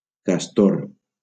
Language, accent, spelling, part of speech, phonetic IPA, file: Catalan, Valencia, castor, noun, [kasˈtoɾ], LL-Q7026 (cat)-castor.wav
- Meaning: beaver